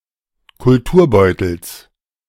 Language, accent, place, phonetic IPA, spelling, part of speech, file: German, Germany, Berlin, [kʊlˈtuːɐ̯ˌbɔɪ̯tl̩s], Kulturbeutels, noun, De-Kulturbeutels.ogg
- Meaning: genitive singular of Kulturbeutel